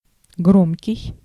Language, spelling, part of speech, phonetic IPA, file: Russian, громкий, adjective, [ˈɡromkʲɪj], Ru-громкий.ogg
- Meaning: 1. loud 2. famous; widely known and publicised 3. pompous, excessively ceremonial